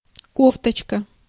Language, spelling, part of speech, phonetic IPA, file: Russian, кофточка, noun, [ˈkoftət͡ɕkə], Ru-кофточка.ogg
- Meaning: diminutive of ко́фта (kófta): (usually women's) knitted jacket, cardigan